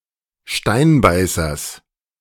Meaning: genitive singular of Steinbeißer
- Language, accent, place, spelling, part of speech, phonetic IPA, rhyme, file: German, Germany, Berlin, Steinbeißers, noun, [ˈʃtaɪ̯nˌbaɪ̯sɐs], -aɪ̯nbaɪ̯sɐs, De-Steinbeißers.ogg